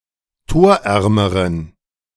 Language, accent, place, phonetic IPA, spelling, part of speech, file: German, Germany, Berlin, [ˈtoːɐ̯ˌʔɛʁməʁən], torärmeren, adjective, De-torärmeren.ogg
- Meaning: inflection of torarm: 1. strong genitive masculine/neuter singular comparative degree 2. weak/mixed genitive/dative all-gender singular comparative degree